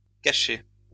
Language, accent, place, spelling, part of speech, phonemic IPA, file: French, France, Lyon, cachées, verb, /ka.ʃe/, LL-Q150 (fra)-cachées.wav
- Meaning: feminine plural of caché